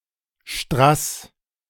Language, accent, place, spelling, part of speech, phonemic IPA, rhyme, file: German, Germany, Berlin, Strass, noun, /ʃtʁas/, -as, De-Strass.ogg
- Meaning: rhinestone, paste (lead crystal used as gemstone)